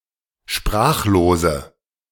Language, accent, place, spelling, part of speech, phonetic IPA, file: German, Germany, Berlin, sprachlose, adjective, [ˈʃpʁaːxloːzə], De-sprachlose.ogg
- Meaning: inflection of sprachlos: 1. strong/mixed nominative/accusative feminine singular 2. strong nominative/accusative plural 3. weak nominative all-gender singular